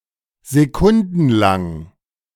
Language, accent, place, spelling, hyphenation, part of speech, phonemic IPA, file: German, Germany, Berlin, sekundenlang, se‧kun‧den‧lang, adjective, /zeˈkʊndn̩laŋ/, De-sekundenlang.ogg
- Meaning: lasting for seconds, secondslong